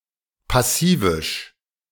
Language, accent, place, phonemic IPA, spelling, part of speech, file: German, Germany, Berlin, /paˈsiːvɪʃ/, passivisch, adjective, De-passivisch.ogg
- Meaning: passive